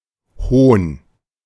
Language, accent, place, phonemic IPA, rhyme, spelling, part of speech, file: German, Germany, Berlin, /hoːn/, -oːn, Hohn, noun, De-Hohn.ogg
- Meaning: mockery; scorn; derision